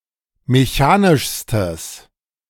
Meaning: strong/mixed nominative/accusative neuter singular superlative degree of mechanisch
- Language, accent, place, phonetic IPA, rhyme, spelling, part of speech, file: German, Germany, Berlin, [meˈçaːnɪʃstəs], -aːnɪʃstəs, mechanischstes, adjective, De-mechanischstes.ogg